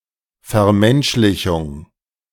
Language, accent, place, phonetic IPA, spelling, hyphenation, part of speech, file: German, Germany, Berlin, [fɛɐ̯ˈmɛnʃlɪçʊŋ], Vermenschlichung, Ver‧mensch‧li‧chung, noun, De-Vermenschlichung.ogg
- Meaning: humanization, anthropomorphization